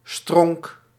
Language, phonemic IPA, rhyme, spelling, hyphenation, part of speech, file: Dutch, /strɔŋk/, -ɔŋk, stronk, stronk, noun, Nl-stronk.ogg
- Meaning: tree stump